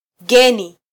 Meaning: 1. strange, unusual 2. foreign
- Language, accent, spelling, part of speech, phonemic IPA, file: Swahili, Kenya, geni, adjective, /ˈɠɛ.ni/, Sw-ke-geni.flac